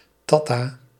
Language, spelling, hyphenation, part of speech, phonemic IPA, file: Dutch, tatta, tat‧ta, noun, /ˈtɑ.taː/, Nl-tatta.ogg
- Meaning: an autochthonous Dutch person